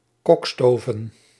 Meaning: to do, to arrange, surreptitiously
- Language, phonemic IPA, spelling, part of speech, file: Dutch, /ˈkɔkstoːvə(n)/, kokstoven, verb, Nl-kokstoven.ogg